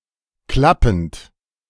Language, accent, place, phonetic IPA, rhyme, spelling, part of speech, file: German, Germany, Berlin, [ˈklapn̩t], -apn̩t, klappend, verb, De-klappend.ogg
- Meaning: present participle of klappen